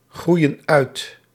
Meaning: inflection of uitgroeien: 1. plural present indicative 2. plural present subjunctive
- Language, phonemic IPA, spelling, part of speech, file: Dutch, /ˈɣrujə(n) ˈœyt/, groeien uit, verb, Nl-groeien uit.ogg